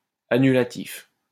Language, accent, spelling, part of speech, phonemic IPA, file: French, France, annulatif, adjective, /a.ny.la.tif/, LL-Q150 (fra)-annulatif.wav
- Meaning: nullifying